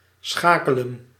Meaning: 1. to switch 2. to change gear
- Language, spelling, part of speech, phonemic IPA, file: Dutch, schakelen, verb, /ˈsxaː.kə.lə(n)/, Nl-schakelen.ogg